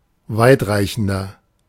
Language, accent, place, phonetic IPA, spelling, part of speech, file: German, Germany, Berlin, [ˈvaɪ̯tˌʁaɪ̯çn̩dɐ], weitreichender, adjective, De-weitreichender.ogg
- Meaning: 1. comparative degree of weitreichend 2. inflection of weitreichend: strong/mixed nominative masculine singular 3. inflection of weitreichend: strong genitive/dative feminine singular